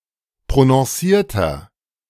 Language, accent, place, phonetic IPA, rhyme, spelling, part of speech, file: German, Germany, Berlin, [pʁonɔ̃ˈsiːɐ̯tɐ], -iːɐ̯tɐ, prononcierter, adjective, De-prononcierter.ogg
- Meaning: 1. comparative degree of prononciert 2. inflection of prononciert: strong/mixed nominative masculine singular 3. inflection of prononciert: strong genitive/dative feminine singular